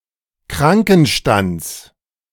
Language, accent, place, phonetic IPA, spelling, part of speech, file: German, Germany, Berlin, [ˈkʁaŋkn̩ˌʃtant͡s], Krankenstands, noun, De-Krankenstands.ogg
- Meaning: genitive singular of Krankenstand